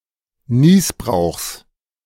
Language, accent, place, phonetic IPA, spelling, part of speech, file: German, Germany, Berlin, [ˈniːsbʁaʊ̯xs], Nießbrauchs, noun, De-Nießbrauchs.ogg
- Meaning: genitive singular of Nießbrauch